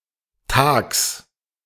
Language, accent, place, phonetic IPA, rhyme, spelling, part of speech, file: German, Germany, Berlin, [taːks], -aːks, tags, adverb, De-tags.ogg
- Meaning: in the daytime